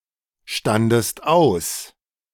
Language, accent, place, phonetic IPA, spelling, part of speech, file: German, Germany, Berlin, [ˌʃtandəst ˈaʊ̯s], standest aus, verb, De-standest aus.ogg
- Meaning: second-person singular preterite of ausstehen